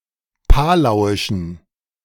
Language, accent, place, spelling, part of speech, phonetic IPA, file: German, Germany, Berlin, palauischen, adjective, [ˈpaːlaʊ̯ɪʃn̩], De-palauischen.ogg
- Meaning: inflection of palauisch: 1. strong genitive masculine/neuter singular 2. weak/mixed genitive/dative all-gender singular 3. strong/weak/mixed accusative masculine singular 4. strong dative plural